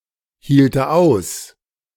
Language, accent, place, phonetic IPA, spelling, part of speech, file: German, Germany, Berlin, [hiːltə ˈaʊ̯s], hielte aus, verb, De-hielte aus.ogg
- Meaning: first/third-person singular subjunctive II of aushalten